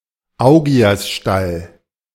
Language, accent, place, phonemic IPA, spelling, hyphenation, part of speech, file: German, Germany, Berlin, /ˈaʊ̯ɡi̯asˌʃtal/, Augiasstall, Au‧gi‧as‧stall, noun, De-Augiasstall.ogg
- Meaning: 1. Augean stable 2. pigsty, Augean stables